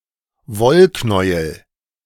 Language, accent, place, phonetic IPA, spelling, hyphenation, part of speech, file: German, Germany, Berlin, [ˈvɔlˌknɔɪ̯əl], Wollknäuel, Woll‧knäu‧el, noun, De-Wollknäuel.ogg
- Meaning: ball of wool; skein